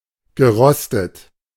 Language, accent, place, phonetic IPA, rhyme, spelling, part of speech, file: German, Germany, Berlin, [ɡəˈʁɔstət], -ɔstət, gerostet, verb, De-gerostet.ogg
- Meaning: past participle of rosten